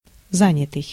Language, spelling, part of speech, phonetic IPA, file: Russian, занятый, verb / adjective, [ˈzanʲɪtɨj], Ru-занятый.ogg
- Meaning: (verb) past passive perfective participle of заня́ть (zanjátʹ); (adjective) 1. busy (doing a great deal) 2. occupied, taken, filled (unavailable for use) 3. busy, engaged (of a telephone line)